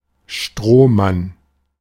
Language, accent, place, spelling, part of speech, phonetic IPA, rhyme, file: German, Germany, Berlin, Strohmann, noun, [ˈʃtʁoːˌman], -oːman, De-Strohmann.ogg
- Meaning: front man